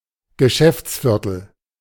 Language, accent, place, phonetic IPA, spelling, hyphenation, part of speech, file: German, Germany, Berlin, [ɡəˈʃɛft͡sˌfɪʁtl̩], Geschäftsviertel, Ge‧schäfts‧vier‧tel, noun, De-Geschäftsviertel.ogg
- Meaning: business district, commercial district, shopping area